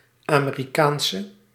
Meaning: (adjective) inflection of Amerikaans: 1. masculine/feminine singular attributive 2. definite neuter singular attributive 3. plural attributive; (noun) a female American
- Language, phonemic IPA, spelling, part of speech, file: Dutch, /ameriˈkansə/, Amerikaanse, noun / adjective, Nl-Amerikaanse.ogg